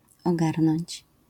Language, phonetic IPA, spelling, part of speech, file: Polish, [ɔˈɡarnɔ̃ɲt͡ɕ], ogarnąć, verb, LL-Q809 (pol)-ogarnąć.wav